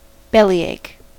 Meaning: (noun) Any pain in the belly, stomach, or abdomen; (verb) To unnecessarily complain or whine, often about simple matters
- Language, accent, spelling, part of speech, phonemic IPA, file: English, US, bellyache, noun / verb, /ˈbɛliˌeɪk/, En-us-bellyache.ogg